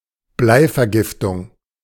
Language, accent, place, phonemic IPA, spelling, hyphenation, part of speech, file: German, Germany, Berlin, /ˈblaɪ̯fɛɐ̯ˌɡɪftʊŋ/, Bleivergiftung, Blei‧ver‧gif‧tung, noun, De-Bleivergiftung.ogg
- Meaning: lead poisoning